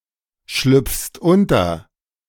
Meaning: second-person singular present of unterschlüpfen
- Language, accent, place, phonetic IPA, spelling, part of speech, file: German, Germany, Berlin, [ˌʃlʏp͡fst ˈʊntɐ], schlüpfst unter, verb, De-schlüpfst unter.ogg